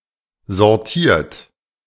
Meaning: 1. past participle of sortieren 2. inflection of sortieren: third-person singular present 3. inflection of sortieren: second-person plural present 4. inflection of sortieren: plural imperative
- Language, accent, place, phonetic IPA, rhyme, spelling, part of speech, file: German, Germany, Berlin, [zɔʁˈtiːɐ̯t], -iːɐ̯t, sortiert, verb, De-sortiert.ogg